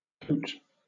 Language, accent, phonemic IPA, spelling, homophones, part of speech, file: English, Southern England, /kəʊt/, cote, coat, noun / verb, LL-Q1860 (eng)-cote.wav
- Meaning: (noun) 1. A cottage or hut 2. A small structure built to contain domesticated animals such as sheep, pigs or pigeons; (verb) Obsolete form of quote